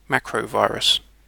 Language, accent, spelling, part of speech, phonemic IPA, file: English, UK, macrovirus, noun, /ˈmækɹoʊˌvaɪɹəs/, En-uk-macrovirus.ogg
- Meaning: A computer virus written in a macro language